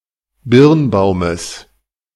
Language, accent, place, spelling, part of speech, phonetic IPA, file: German, Germany, Berlin, Birnbaumes, noun, [ˈbɪʁnˌbaʊ̯məs], De-Birnbaumes.ogg
- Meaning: genitive of Birnbaum